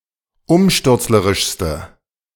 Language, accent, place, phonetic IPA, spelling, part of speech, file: German, Germany, Berlin, [ˈʊmʃtʏʁt͡sləʁɪʃstə], umstürzlerischste, adjective, De-umstürzlerischste.ogg
- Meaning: inflection of umstürzlerisch: 1. strong/mixed nominative/accusative feminine singular superlative degree 2. strong nominative/accusative plural superlative degree